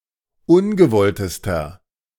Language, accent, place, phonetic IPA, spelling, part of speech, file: German, Germany, Berlin, [ˈʊnɡəˌvɔltəstɐ], ungewolltester, adjective, De-ungewolltester.ogg
- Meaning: inflection of ungewollt: 1. strong/mixed nominative masculine singular superlative degree 2. strong genitive/dative feminine singular superlative degree 3. strong genitive plural superlative degree